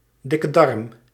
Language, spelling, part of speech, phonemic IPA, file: Dutch, dikke darm, noun, /ˌdɪ.kə ˈdɑrm/, Nl-dikke darm.ogg
- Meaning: large intestine